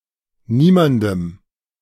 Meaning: dative of niemand
- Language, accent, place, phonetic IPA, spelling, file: German, Germany, Berlin, [ˈniːmandəm], niemandem, De-niemandem.ogg